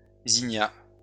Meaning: zinnia
- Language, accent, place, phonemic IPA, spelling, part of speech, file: French, France, Lyon, /zi.nja/, zinnia, noun, LL-Q150 (fra)-zinnia.wav